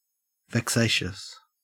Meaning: 1. Causing vexation or annoyance; teasing; troublesome 2. Full of trouble or disquiet 3. Commenced for the purpose of giving trouble, without due cause
- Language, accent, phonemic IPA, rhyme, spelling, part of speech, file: English, Australia, /vɛkˈseɪʃəs/, -eɪʃəs, vexatious, adjective, En-au-vexatious.ogg